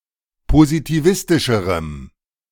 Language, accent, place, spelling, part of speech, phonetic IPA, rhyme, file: German, Germany, Berlin, positivistischerem, adjective, [pozitiˈvɪstɪʃəʁəm], -ɪstɪʃəʁəm, De-positivistischerem.ogg
- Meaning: strong dative masculine/neuter singular comparative degree of positivistisch